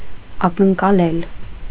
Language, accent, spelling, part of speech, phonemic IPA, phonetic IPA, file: Armenian, Eastern Armenian, ակնկալել, verb, /ɑkənkɑˈlel/, [ɑkəŋkɑlél], Hy-ակնկալել.ogg
- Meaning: to expect, to anticipate, to hope